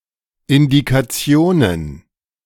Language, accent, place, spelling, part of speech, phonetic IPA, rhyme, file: German, Germany, Berlin, Indikationen, noun, [ɪndikaˈt͡si̯oːnən], -oːnən, De-Indikationen.ogg
- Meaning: plural of Indikation